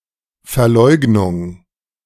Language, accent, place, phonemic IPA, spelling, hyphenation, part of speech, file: German, Germany, Berlin, /fɛɐ̯ˈlɔɪ̯ɡnʊŋ/, Verleugnung, Ver‧leug‧nung, noun, De-Verleugnung.ogg
- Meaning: denial, disavowal